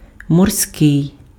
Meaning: marine, nautical, maritime, sea (attributive)
- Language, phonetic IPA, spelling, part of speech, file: Ukrainian, [mɔrˈsʲkɪi̯], морський, adjective, Uk-морський.ogg